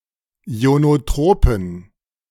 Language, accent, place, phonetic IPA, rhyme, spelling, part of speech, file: German, Germany, Berlin, [i̯onoˈtʁoːpn̩], -oːpn̩, ionotropen, adjective, De-ionotropen.ogg
- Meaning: inflection of ionotrop: 1. strong genitive masculine/neuter singular 2. weak/mixed genitive/dative all-gender singular 3. strong/weak/mixed accusative masculine singular 4. strong dative plural